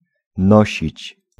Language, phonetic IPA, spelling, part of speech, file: Polish, [ˈnɔɕit͡ɕ], nosić, verb, Pl-nosić.ogg